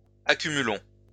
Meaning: inflection of accumuler: 1. first-person plural present indicative 2. first-person plural imperative
- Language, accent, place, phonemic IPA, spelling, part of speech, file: French, France, Lyon, /a.ky.my.lɔ̃/, accumulons, verb, LL-Q150 (fra)-accumulons.wav